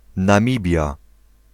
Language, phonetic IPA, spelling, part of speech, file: Polish, [nãˈmʲibʲja], Namibia, proper noun, Pl-Namibia.ogg